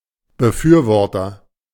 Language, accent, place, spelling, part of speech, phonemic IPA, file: German, Germany, Berlin, Befürworter, noun, /bəˈfyːɐ̯ˌvɔʁtɐ/, De-Befürworter.ogg
- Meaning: agent noun of befürworten; proponent, supporter